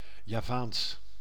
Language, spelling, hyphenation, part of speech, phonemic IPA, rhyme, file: Dutch, Javaans, Ja‧vaans, adjective / proper noun, /jaːˈvaːns/, -aːns, Nl-Javaans.ogg
- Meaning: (adjective) 1. Javan, in, from or relating to Java, the most populous island of Indonesia 2. Javan, in, from or relating to the Javanese people; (proper noun) the Javanese language